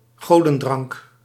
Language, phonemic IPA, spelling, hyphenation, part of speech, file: Dutch, /ˈɣoː.də(n)ˌdrɑŋk/, godendrank, go‧den‧drank, noun, Nl-godendrank.ogg
- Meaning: 1. nectar (the Olympian's drink) 2. any outstanding beverage